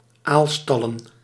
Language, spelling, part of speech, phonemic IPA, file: Dutch, aalstallen, noun, /ˈalstɑlə(n)/, Nl-aalstallen.ogg
- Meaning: plural of aalstal